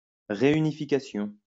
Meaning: reunification (the unification of something that was previously divided; used especially of a country)
- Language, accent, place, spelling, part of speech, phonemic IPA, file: French, France, Lyon, réunification, noun, /ʁe.y.ni.fi.ka.sjɔ̃/, LL-Q150 (fra)-réunification.wav